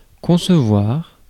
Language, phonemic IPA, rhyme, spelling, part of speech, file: French, /kɔ̃.sə.vwaʁ/, -waʁ, concevoir, verb, Fr-concevoir.ogg
- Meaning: 1. to conceive: to conceive (an idea) 2. to conceive: to conceive, to conceive of; to understand, to comprehend 3. to conceive: to conceive (a baby) 4. to design